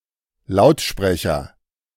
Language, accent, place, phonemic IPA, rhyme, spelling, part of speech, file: German, Germany, Berlin, /ˈlaʊ̯tˌʃpʁɛçɐ/, -ɛçɐ, Lautsprecher, noun, De-Lautsprecher.ogg
- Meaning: 1. loudspeaker 2. loudhailer (electronic megaphone)